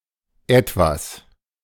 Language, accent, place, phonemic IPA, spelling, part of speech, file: German, Germany, Berlin, /ˈɛtvas/, Etwas, noun, De-Etwas.ogg
- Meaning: 1. thing, being 2. a quality or talent that is hard to pin down